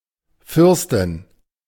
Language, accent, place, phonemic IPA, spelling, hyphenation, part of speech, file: German, Germany, Berlin, /ˈfʏʁstɪn/, Fürstin, Für‧stin, noun, De-Fürstin.ogg
- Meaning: princess